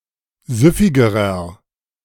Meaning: inflection of süffig: 1. strong/mixed nominative masculine singular comparative degree 2. strong genitive/dative feminine singular comparative degree 3. strong genitive plural comparative degree
- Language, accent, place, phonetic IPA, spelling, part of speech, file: German, Germany, Berlin, [ˈzʏfɪɡəʁɐ], süffigerer, adjective, De-süffigerer.ogg